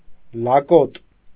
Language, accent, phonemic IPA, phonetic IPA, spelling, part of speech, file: Armenian, Eastern Armenian, /lɑˈkot/, [lɑkót], լակոտ, noun, Hy-լակոտ.ogg
- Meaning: 1. puppy, pup, dog's young 2. child 3. bastard, cad, dog